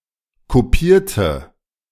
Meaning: inflection of kopieren: 1. first/third-person singular preterite 2. first/third-person singular subjunctive II
- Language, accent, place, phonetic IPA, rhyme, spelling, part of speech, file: German, Germany, Berlin, [koˈpiːɐ̯tə], -iːɐ̯tə, kopierte, adjective / verb, De-kopierte.ogg